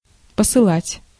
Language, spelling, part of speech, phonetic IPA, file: Russian, посылать, verb, [pəsɨˈɫatʲ], Ru-посылать.ogg
- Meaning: 1. to send 2. to dispatch 3. to swear (at someone), to tell someone to get lost